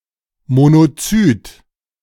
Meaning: monocyte
- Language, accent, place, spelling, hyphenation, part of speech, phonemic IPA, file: German, Germany, Berlin, Monozyt, Mo‧no‧zyt, noun, /monoˈt͡syːt/, De-Monozyt.ogg